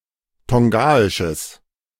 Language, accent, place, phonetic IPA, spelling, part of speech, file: German, Germany, Berlin, [ˈtɔŋɡaɪʃəs], tongaisches, adjective, De-tongaisches.ogg
- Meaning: strong/mixed nominative/accusative neuter singular of tongaisch